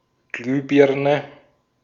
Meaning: light bulb (lamp consisting of a glass bulb with a heated filament, or similar lighting article)
- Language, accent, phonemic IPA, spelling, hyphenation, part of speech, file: German, Austria, /ˈɡlyːˌbɪʁnə/, Glühbirne, Glüh‧bir‧ne, noun, De-at-Glühbirne.ogg